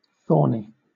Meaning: 1. Having thorns or spines 2. Troublesome or vexatious 3. Aloof and irritable
- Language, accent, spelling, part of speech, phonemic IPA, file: English, Southern England, thorny, adjective, /ˈθɔːni/, LL-Q1860 (eng)-thorny.wav